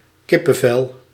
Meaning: 1. a chicken's skin 2. goose bumps
- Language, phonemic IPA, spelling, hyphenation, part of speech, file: Dutch, /ˈkɪ.pəˌvɛl/, kippenvel, kip‧pen‧vel, noun, Nl-kippenvel.ogg